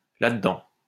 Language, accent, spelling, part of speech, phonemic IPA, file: French, France, là-dedans, adverb, /la.də.dɑ̃/, LL-Q150 (fra)-là-dedans.wav
- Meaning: 1. inside there 2. in this affair, (having to do) with this